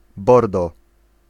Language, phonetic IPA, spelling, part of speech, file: Polish, [ˈbɔrdɔ], bordo, noun / adjective / adverb, Pl-bordo.ogg